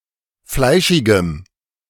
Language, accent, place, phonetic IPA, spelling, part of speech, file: German, Germany, Berlin, [ˈflaɪ̯ʃɪɡəm], fleischigem, adjective, De-fleischigem.ogg
- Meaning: strong dative masculine/neuter singular of fleischig